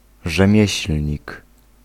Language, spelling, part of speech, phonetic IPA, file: Polish, rzemieślnik, noun, [ʒɛ̃ˈmʲjɛ̇ɕl̥ʲɲik], Pl-rzemieślnik.ogg